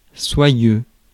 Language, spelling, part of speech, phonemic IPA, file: French, soyeux, adjective, /swa.jø/, Fr-soyeux.ogg
- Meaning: silky